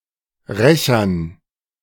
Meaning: dative plural of Rächer
- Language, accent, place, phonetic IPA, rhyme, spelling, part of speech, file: German, Germany, Berlin, [ˈʁɛçɐn], -ɛçɐn, Rächern, noun, De-Rächern.ogg